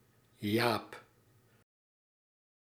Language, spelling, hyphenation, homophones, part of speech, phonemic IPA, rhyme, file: Dutch, Jaap, Jaap, jaap, proper noun, /jaːp/, -aːp, Nl-Jaap.ogg
- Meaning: a diminutive of the male given name Jacob